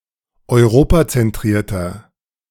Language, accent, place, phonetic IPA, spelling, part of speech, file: German, Germany, Berlin, [ɔɪ̯ˈʁoːpat͡sɛnˌtʁiːɐ̯tɐ], europazentrierter, adjective, De-europazentrierter.ogg
- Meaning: inflection of europazentriert: 1. strong/mixed nominative masculine singular 2. strong genitive/dative feminine singular 3. strong genitive plural